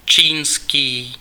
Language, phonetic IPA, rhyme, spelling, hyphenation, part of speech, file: Czech, [ˈt͡ʃiːnskiː], -iːnskiː, čínský, čín‧ský, adjective, Cs-čínský.ogg
- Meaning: Chinese